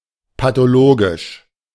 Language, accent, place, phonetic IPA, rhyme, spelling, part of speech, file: German, Germany, Berlin, [patoˈloːɡɪʃ], -oːɡɪʃ, pathologisch, adjective, De-pathologisch.ogg
- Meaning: 1. pathological, pathologic 2. problematic, forming a case that can be debatably solved